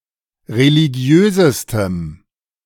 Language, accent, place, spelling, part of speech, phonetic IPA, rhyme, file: German, Germany, Berlin, religiösestem, adjective, [ʁeliˈɡi̯øːzəstəm], -øːzəstəm, De-religiösestem.ogg
- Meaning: strong dative masculine/neuter singular superlative degree of religiös